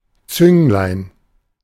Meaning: 1. diminutive of Zunge 2. needle, pointer (of a balance scale)
- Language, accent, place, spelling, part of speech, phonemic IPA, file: German, Germany, Berlin, Zünglein, noun, /ˈt͡sʏŋlaɪ̯n/, De-Zünglein.ogg